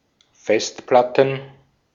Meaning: plural of Festplatte
- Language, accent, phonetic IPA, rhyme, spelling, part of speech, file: German, Austria, [ˈfɛstˌplatn̩], -ɛstplatn̩, Festplatten, noun, De-at-Festplatten.ogg